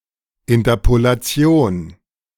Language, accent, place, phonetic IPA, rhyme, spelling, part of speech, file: German, Germany, Berlin, [ɪntɐpolaˈt͡si̯oːn], -oːn, Interpolation, noun, De-Interpolation.ogg
- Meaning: interpolation